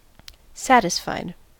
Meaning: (verb) simple past and past participle of satisfy; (adjective) 1. In a state of satisfaction 2. Convinced based on the available evidence
- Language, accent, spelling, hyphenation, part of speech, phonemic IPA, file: English, US, satisfied, sat‧is‧fied, verb / adjective, /ˈsætɪsfaɪd/, En-us-satisfied.ogg